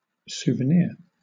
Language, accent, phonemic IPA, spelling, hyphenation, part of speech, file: English, Southern England, /ˌsuː.vəˈnɪə/, souvenir, sou‧ve‧nir, noun / verb, LL-Q1860 (eng)-souvenir.wav
- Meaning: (noun) An item of sentimental value, that is given or kept to remember an event or location; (verb) To take (something) as a souvenir, especially illicitly, for example during wartime